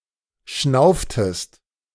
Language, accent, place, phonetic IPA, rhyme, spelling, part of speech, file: German, Germany, Berlin, [ˈʃnaʊ̯ftəst], -aʊ̯ftəst, schnauftest, verb, De-schnauftest.ogg
- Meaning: inflection of schnaufen: 1. second-person singular preterite 2. second-person singular subjunctive II